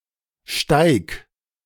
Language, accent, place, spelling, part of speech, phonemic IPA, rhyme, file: German, Germany, Berlin, steig, verb, /ʃtaɪ̯k/, -aɪ̯k, De-steig.ogg
- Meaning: singular imperative of steigen